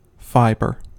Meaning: 1. A single elongated piece of a given material, roughly round in cross-section, often twisted with other fibers to form thread 2. A material in the form of fibers
- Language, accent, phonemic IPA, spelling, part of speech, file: English, US, /ˈfaɪ.bɚ/, fiber, noun, En-us-fiber.ogg